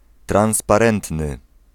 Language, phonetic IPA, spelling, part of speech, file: Polish, [ˌtrãw̃spaˈrɛ̃ntnɨ], transparentny, adjective, Pl-transparentny.ogg